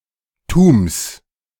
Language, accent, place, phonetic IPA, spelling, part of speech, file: German, Germany, Berlin, [tuːms], -tums, suffix, De--tums.ogg
- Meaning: genitive singular of -tum